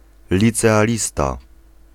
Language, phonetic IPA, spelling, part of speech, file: Polish, [ˌlʲit͡sɛaˈlʲista], licealista, noun, Pl-licealista.ogg